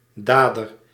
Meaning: doer, perpetrator
- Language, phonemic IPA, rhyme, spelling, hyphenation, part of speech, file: Dutch, /ˈdaː.dər/, -aːdər, dader, da‧der, noun, Nl-dader.ogg